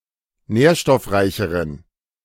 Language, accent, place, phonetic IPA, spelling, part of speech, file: German, Germany, Berlin, [ˈnɛːɐ̯ʃtɔfˌʁaɪ̯çəʁən], nährstoffreicheren, adjective, De-nährstoffreicheren.ogg
- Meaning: inflection of nährstoffreich: 1. strong genitive masculine/neuter singular comparative degree 2. weak/mixed genitive/dative all-gender singular comparative degree